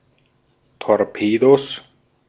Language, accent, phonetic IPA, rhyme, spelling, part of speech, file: German, Austria, [tɔʁˈpeːdos], -eːdos, Torpedos, noun, De-at-Torpedos.ogg
- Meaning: 1. genitive singular of Torpedo 2. plural of Torpedo